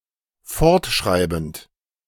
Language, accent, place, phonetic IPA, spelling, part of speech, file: German, Germany, Berlin, [ˈfɔʁtˌʃʁaɪ̯bn̩t], fortschreibend, verb, De-fortschreibend.ogg
- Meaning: present participle of fortschreiben